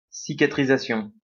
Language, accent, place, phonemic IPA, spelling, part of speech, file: French, France, Lyon, /si.ka.tʁi.za.sjɔ̃/, cicatrisation, noun, LL-Q150 (fra)-cicatrisation.wav
- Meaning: scarring